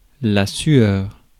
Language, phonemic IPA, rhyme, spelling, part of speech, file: French, /sɥœʁ/, -ɥœʁ, sueur, noun, Fr-sueur.ogg
- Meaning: sweat, perspiration